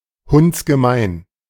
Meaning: very mean or common
- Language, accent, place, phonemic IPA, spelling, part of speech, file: German, Germany, Berlin, /ˈhʊnt͡sɡəˌmaɪ̯n/, hundsgemein, adjective, De-hundsgemein.ogg